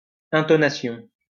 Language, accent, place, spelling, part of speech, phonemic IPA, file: French, France, Lyon, intonation, noun, /ɛ̃.tɔ.na.sjɔ̃/, LL-Q150 (fra)-intonation.wav
- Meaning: intonation (all senses)